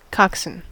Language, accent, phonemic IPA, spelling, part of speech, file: English, US, /ˈkɑk.s(ə)n/, coxswain, noun / verb, En-us-coxswain.ogg
- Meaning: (noun) 1. In a ship's boat, the helmsman given charge of the boat's crew 2. The member of a crew who steers the shell and coordinates the power and rhythm of the rowers